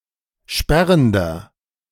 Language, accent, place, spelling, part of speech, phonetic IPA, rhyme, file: German, Germany, Berlin, sperrender, adjective, [ˈʃpɛʁəndɐ], -ɛʁəndɐ, De-sperrender.ogg
- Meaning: inflection of sperrend: 1. strong/mixed nominative masculine singular 2. strong genitive/dative feminine singular 3. strong genitive plural